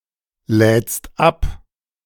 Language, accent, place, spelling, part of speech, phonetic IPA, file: German, Germany, Berlin, lädst ab, verb, [ˌlɛːt͡st ˈap], De-lädst ab.ogg
- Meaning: second-person singular present of abladen